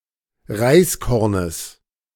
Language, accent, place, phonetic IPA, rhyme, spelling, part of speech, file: German, Germany, Berlin, [ˈʁaɪ̯sˌkɔʁnəs], -aɪ̯skɔʁnəs, Reiskornes, noun, De-Reiskornes.ogg
- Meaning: genitive of Reiskorn